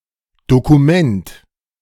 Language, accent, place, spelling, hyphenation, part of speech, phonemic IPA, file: German, Germany, Berlin, Dokument, Do‧ku‧ment, noun, /ˌdokuˈmɛnt/, De-Dokument.ogg
- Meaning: document